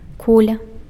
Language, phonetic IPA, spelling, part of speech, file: Belarusian, [ˈkulʲa], куля, noun, Be-куля.ogg
- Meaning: 1. ball, sphere 2. bullet (projectile)